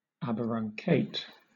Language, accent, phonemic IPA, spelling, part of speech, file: English, Southern England, /ˌæbəɹʌŋˈkeɪt/, aberuncate, verb, LL-Q1860 (eng)-aberuncate.wav
- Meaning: To eradicate; to pull up by the roots